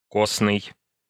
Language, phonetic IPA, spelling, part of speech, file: Russian, [ˈkosnɨj], косный, adjective, Ru-косный.ogg
- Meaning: 1. sedentary, lazy, slow 2. rigid, resistant to change